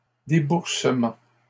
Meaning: disbursement
- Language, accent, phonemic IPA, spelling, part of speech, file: French, Canada, /de.buʁ.sə.mɑ̃/, déboursement, noun, LL-Q150 (fra)-déboursement.wav